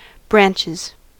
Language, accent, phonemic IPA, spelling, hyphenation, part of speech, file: English, US, /ˈbɹænt͡ʃɪz/, branches, branch‧es, noun / verb, En-us-branches.ogg
- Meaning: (noun) plural of branch; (verb) third-person singular simple present indicative of branch